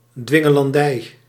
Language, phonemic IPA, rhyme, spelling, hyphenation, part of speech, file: Dutch, /ˌdʋɪ.ŋə.lɑnˈdɛi̯/, -ɛi̯, dwingelandij, dwin‧ge‧lan‧dij, noun, Nl-dwingelandij.ogg
- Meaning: tyranny, oppression